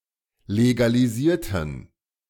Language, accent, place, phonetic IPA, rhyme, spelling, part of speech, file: German, Germany, Berlin, [leɡaliˈziːɐ̯tn̩], -iːɐ̯tn̩, legalisierten, adjective / verb, De-legalisierten.ogg
- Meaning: inflection of legalisieren: 1. first/third-person plural preterite 2. first/third-person plural subjunctive II